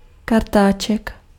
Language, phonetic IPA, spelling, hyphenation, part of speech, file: Czech, [ˈkartaːt͡ʃɛk], kartáček, kar‧tá‧ček, noun, Cs-kartáček.ogg
- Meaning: diminutive of kartáč